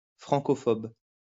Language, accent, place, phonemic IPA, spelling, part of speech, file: French, France, Lyon, /fʁɑ̃.kɔ.fɔb/, francophobe, noun / adjective, LL-Q150 (fra)-francophobe.wav
- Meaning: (noun) Francophobe; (adjective) Francophobic